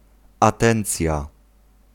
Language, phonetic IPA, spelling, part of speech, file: Polish, [aˈtɛ̃nt͡sʲja], atencja, noun, Pl-atencja.ogg